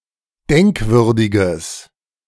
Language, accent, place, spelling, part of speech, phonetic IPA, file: German, Germany, Berlin, denkwürdiges, adjective, [ˈdɛŋkˌvʏʁdɪɡəs], De-denkwürdiges.ogg
- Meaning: strong/mixed nominative/accusative neuter singular of denkwürdig